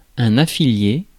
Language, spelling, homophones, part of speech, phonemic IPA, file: French, affilié, affiliai / affiliée / affiliées / affilier / affiliés / affiliez, verb, /a.fi.lje/, Fr-affilié.ogg
- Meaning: past participle of affilier